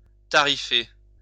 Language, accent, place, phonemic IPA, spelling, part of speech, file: French, France, Lyon, /ta.ʁi.fe/, tarifer, verb, LL-Q150 (fra)-tarifer.wav
- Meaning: to fix the price (of)